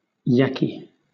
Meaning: chatty, talkative
- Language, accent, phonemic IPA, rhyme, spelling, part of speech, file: English, Southern England, /ˈjæki/, -æki, yakky, adjective, LL-Q1860 (eng)-yakky.wav